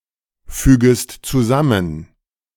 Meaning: second-person singular subjunctive I of zusammenfügen
- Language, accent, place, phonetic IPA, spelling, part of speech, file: German, Germany, Berlin, [ˌfyːɡəst t͡suˈzamən], fügest zusammen, verb, De-fügest zusammen.ogg